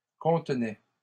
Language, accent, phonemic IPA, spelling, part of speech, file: French, Canada, /kɔ̃t.nɛ/, contenait, verb, LL-Q150 (fra)-contenait.wav
- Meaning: third-person singular imperfect indicative of contenir